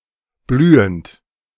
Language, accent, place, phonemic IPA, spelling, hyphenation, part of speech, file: German, Germany, Berlin, /ˈblyːənt/, blühend, blü‧hend, verb / adjective, De-blühend.ogg
- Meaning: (verb) present participle of blühen; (adjective) 1. blooming, flourishing, burgeoning 2. prosperous, thriving 3. abundant, fertile